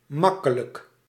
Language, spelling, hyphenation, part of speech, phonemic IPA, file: Dutch, makkelijk, mak‧ke‧lijk, adjective, /ˈmɑ.kə.lək/, Nl-makkelijk.ogg
- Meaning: 1. easy 2. complacent